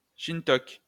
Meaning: Chink (person of Chinese descent)
- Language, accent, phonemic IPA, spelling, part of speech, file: French, France, /ʃin.tɔk/, chinetoque, noun, LL-Q150 (fra)-chinetoque.wav